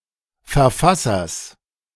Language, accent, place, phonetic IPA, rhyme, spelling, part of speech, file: German, Germany, Berlin, [fɛɐ̯ˈfasɐs], -asɐs, Verfassers, noun, De-Verfassers.ogg
- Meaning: genitive singular of Verfasser